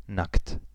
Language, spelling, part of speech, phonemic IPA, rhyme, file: German, nackt, adjective, /nakt/, -akt, De-nackt.ogg
- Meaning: naked: 1. nude; not wearing any clothes 2. not properly clothed; wearing much less than weather, custom, etc. would demand 3. bare; not covered